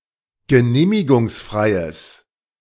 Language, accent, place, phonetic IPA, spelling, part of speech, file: German, Germany, Berlin, [ɡəˈneːmɪɡʊŋsˌfʁaɪ̯əs], genehmigungsfreies, adjective, De-genehmigungsfreies.ogg
- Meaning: strong/mixed nominative/accusative neuter singular of genehmigungsfrei